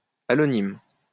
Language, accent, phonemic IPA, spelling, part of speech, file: French, France, /a.lɔ.nim/, allonyme, noun, LL-Q150 (fra)-allonyme.wav
- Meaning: allonym